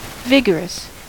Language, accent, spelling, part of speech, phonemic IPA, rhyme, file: English, US, vigorous, adjective, /ˈvɪɡəɹəs/, -ɪɡəɹəs, En-us-vigorous.ogg
- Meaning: 1. Physically strong and active 2. Mentally strong and active 3. Rapid of growth